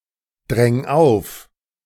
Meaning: 1. singular imperative of aufdrängen 2. first-person singular present of aufdrängen
- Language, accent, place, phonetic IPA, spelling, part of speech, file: German, Germany, Berlin, [ˌdʁɛŋ ˈaʊ̯f], dräng auf, verb, De-dräng auf.ogg